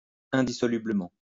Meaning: indissolubly
- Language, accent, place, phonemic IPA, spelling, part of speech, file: French, France, Lyon, /ɛ̃.di.sɔ.ly.blə.mɑ̃/, indissolublement, adverb, LL-Q150 (fra)-indissolublement.wav